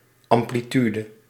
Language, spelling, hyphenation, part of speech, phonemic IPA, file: Dutch, amplitude, am‧pli‧tu‧de, noun, /ˌɑm.pliˈty.də/, Nl-amplitude.ogg
- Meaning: amplitude